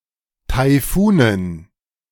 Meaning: dative plural of Taifun
- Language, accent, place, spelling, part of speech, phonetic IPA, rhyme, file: German, Germany, Berlin, Taifunen, noun, [taɪ̯ˈfuːnən], -uːnən, De-Taifunen.ogg